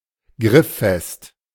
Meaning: touch-dry
- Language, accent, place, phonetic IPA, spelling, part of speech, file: German, Germany, Berlin, [ˈɡʁɪfˌfɛst], grifffest, adjective, De-grifffest.ogg